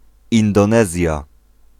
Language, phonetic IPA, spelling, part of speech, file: Polish, [ˌĩndɔ̃ˈnɛzʲja], Indonezja, proper noun, Pl-Indonezja.ogg